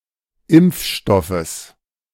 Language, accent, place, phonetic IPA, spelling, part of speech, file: German, Germany, Berlin, [ˈɪmp͡fˌʃtɔfəs], Impfstoffes, noun, De-Impfstoffes.ogg
- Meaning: genitive singular of Impfstoff